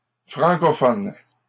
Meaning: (adjective) plural of francophone
- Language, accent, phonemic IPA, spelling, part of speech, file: French, Canada, /fʁɑ̃.kɔ.fɔn/, francophones, adjective / noun, LL-Q150 (fra)-francophones.wav